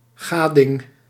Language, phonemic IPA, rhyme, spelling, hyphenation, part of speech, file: Dutch, /ˈɣaː.dɪŋ/, -aːdɪŋ, gading, ga‧ding, noun, Nl-gading.ogg
- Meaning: satisfaction